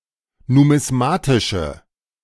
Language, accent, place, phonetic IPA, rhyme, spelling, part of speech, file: German, Germany, Berlin, [numɪsˈmaːtɪʃə], -aːtɪʃə, numismatische, adjective, De-numismatische.ogg
- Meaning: inflection of numismatisch: 1. strong/mixed nominative/accusative feminine singular 2. strong nominative/accusative plural 3. weak nominative all-gender singular